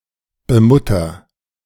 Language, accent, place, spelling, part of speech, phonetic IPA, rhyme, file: German, Germany, Berlin, bemutter, verb, [bəˈmʊtɐ], -ʊtɐ, De-bemutter.ogg
- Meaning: inflection of bemuttern: 1. first-person singular present 2. singular imperative